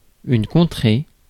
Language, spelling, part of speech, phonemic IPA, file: French, contrée, noun / verb, /kɔ̃.tʁe/, Fr-contrée.ogg
- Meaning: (noun) land; region; country; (verb) feminine singular of contré